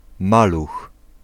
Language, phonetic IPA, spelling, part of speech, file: Polish, [ˈmalux], maluch, noun, Pl-maluch.ogg